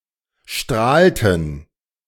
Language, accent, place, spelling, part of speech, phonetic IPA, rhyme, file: German, Germany, Berlin, strahlten, verb, [ˈʃtʁaːltn̩], -aːltn̩, De-strahlten.ogg
- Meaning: inflection of strahlen: 1. first/third-person plural preterite 2. first/third-person plural subjunctive II